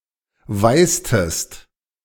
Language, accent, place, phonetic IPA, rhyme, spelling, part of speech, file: German, Germany, Berlin, [ˈvaɪ̯stəst], -aɪ̯stəst, weißtest, verb, De-weißtest.ogg
- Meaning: inflection of weißen: 1. second-person singular preterite 2. second-person singular subjunctive II